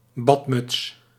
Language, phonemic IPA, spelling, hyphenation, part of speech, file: Dutch, /ˈbɑt.mʏts/, badmuts, bad‧muts, noun, Nl-badmuts.ogg
- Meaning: bathing cap, shower cap, swimming cap